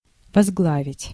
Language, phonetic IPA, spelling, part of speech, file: Russian, [vɐzˈɡɫavʲɪtʲ], возглавить, verb, Ru-возглавить.ogg
- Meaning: to lead, to head, to be at head